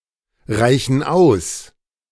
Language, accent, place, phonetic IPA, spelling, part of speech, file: German, Germany, Berlin, [ˌʁaɪ̯çn̩ ˈaʊ̯s], reichen aus, verb, De-reichen aus.ogg
- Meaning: inflection of ausreichen: 1. first/third-person plural present 2. first/third-person plural subjunctive I